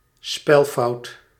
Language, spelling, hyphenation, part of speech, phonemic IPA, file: Dutch, spelfout, spel‧fout, noun, /ˈspɛlfɑut/, Nl-spelfout.ogg
- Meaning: spelling mistake, misspelling